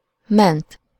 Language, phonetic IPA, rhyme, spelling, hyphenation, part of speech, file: Hungarian, [ˈmɛnt], -ɛnt, ment, ment, verb / adjective, Hu-ment.ogg
- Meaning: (verb) 1. to rescue, to save 2. third-person singular past of megy 3. past participle of megy; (adjective) exempt